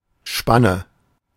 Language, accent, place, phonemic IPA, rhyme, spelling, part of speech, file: German, Germany, Berlin, /ˈʃpanə/, -anə, Spanne, noun, De-Spanne.ogg
- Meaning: 1. span (space between the tips of the thumb and little finger) 2. span (space between the tips of the thumb and little finger): span (semi-standardised measure of length)